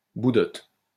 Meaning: belly button
- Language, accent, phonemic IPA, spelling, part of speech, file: French, France, /bu.dɔt/, boudotte, noun, LL-Q150 (fra)-boudotte.wav